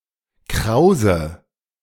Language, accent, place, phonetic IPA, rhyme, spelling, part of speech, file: German, Germany, Berlin, [ˈkʁaʊ̯zə], -aʊ̯zə, krause, adjective / verb, De-krause.ogg
- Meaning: inflection of kraus: 1. strong/mixed nominative/accusative feminine singular 2. strong nominative/accusative plural 3. weak nominative all-gender singular 4. weak accusative feminine/neuter singular